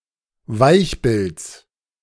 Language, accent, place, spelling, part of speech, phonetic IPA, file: German, Germany, Berlin, Weichbilds, noun, [ˈvaɪ̯çˌbɪlt͡s], De-Weichbilds.ogg
- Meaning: genitive singular of Weichbild